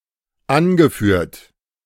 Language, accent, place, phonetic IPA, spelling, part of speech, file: German, Germany, Berlin, [ˈanɡəˌfyːɐ̯t], angeführt, verb, De-angeführt.ogg
- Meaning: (verb) past participle of anführen; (adjective) quoted, cited